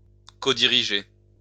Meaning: codirect, comanage
- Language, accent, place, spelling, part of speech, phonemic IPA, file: French, France, Lyon, codiriger, verb, /kɔ.di.ʁi.ʒe/, LL-Q150 (fra)-codiriger.wav